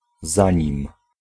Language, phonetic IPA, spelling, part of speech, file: Polish, [ˈzãɲĩm], zanim, conjunction, Pl-zanim.ogg